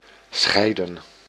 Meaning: 1. to separate 2. to divorce
- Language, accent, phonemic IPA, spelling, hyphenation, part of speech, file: Dutch, Netherlands, /ˈsxɛi̯.də(n)/, scheiden, schei‧den, verb, Nl-scheiden.ogg